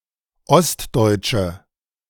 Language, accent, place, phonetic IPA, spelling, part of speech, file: German, Germany, Berlin, [ˈɔstˌdɔɪ̯tʃə], ostdeutsche, adjective, De-ostdeutsche.ogg
- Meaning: inflection of ostdeutsch: 1. strong/mixed nominative/accusative feminine singular 2. strong nominative/accusative plural 3. weak nominative all-gender singular